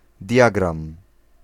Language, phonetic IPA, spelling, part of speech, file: Polish, [ˈdʲjaɡrãm], diagram, noun, Pl-diagram.ogg